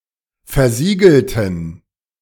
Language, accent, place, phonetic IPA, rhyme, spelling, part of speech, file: German, Germany, Berlin, [fɛɐ̯ˈziːɡl̩tn̩], -iːɡl̩tn̩, versiegelten, adjective / verb, De-versiegelten.ogg
- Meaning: inflection of versiegelt: 1. strong genitive masculine/neuter singular 2. weak/mixed genitive/dative all-gender singular 3. strong/weak/mixed accusative masculine singular 4. strong dative plural